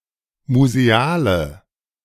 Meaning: inflection of museal: 1. strong/mixed nominative/accusative feminine singular 2. strong nominative/accusative plural 3. weak nominative all-gender singular 4. weak accusative feminine/neuter singular
- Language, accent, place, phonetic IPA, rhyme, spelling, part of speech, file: German, Germany, Berlin, [muzeˈaːlə], -aːlə, museale, adjective, De-museale.ogg